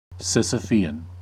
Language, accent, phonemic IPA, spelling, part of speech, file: English, US, /ˌsɪsəˈfiːən/, Sisyphean, adjective, En-us-Sisyphean.ogg
- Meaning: 1. Incessant or incessantly recurring, but futile 2. Relating to Sisyphus